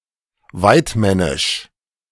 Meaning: hunter
- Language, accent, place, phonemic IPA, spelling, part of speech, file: German, Germany, Berlin, /ˈvaɪ̯tˌmɛnɪʃ/, waidmännisch, adjective, De-waidmännisch.ogg